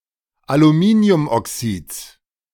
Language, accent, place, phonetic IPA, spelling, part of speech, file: German, Germany, Berlin, [aluˈmiːni̯ʊmʔɔˌksiːt͡s], Aluminiumoxids, noun, De-Aluminiumoxids.ogg
- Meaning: genitive singular of Aluminiumoxid